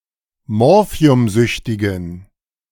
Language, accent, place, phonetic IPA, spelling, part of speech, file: German, Germany, Berlin, [ˈmɔʁfi̯ʊmˌzʏçtɪɡn̩], morphiumsüchtigen, adjective, De-morphiumsüchtigen.ogg
- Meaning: inflection of morphiumsüchtig: 1. strong genitive masculine/neuter singular 2. weak/mixed genitive/dative all-gender singular 3. strong/weak/mixed accusative masculine singular 4. strong dative plural